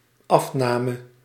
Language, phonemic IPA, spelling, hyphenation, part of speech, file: Dutch, /ˈɑfˌnaː.mə/, afname, af‧na‧me, noun / verb, Nl-afname.ogg
- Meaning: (noun) 1. decrease, decline, diminution, shrinkage 2. purchase, acquisition 3. sale, take-up; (verb) singular dependent-clause past subjunctive of afnemen